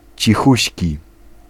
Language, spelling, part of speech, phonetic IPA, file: Polish, cichuśki, adjective, [t͡ɕiˈxuɕci], Pl-cichuśki.ogg